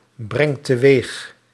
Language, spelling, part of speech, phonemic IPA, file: Dutch, brengt teweeg, verb, /ˈbrɛŋt təˈwex/, Nl-brengt teweeg.ogg
- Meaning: inflection of teweegbrengen: 1. second/third-person singular present indicative 2. plural imperative